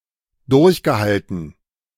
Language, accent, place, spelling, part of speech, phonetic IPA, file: German, Germany, Berlin, durchgehalten, verb, [ˈdʊʁçɡəˌhaltn̩], De-durchgehalten.ogg
- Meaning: past participle of durchhalten